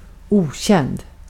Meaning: unknown, unfamiliar
- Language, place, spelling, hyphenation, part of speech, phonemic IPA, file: Swedish, Gotland, okänd, o‧känd, adjective, /²uːˌɕɛnd/, Sv-okänd.ogg